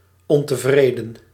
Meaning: dissatisfied
- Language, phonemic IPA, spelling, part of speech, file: Dutch, /ɔntəˈvredə(n)/, ontevreden, adjective, Nl-ontevreden.ogg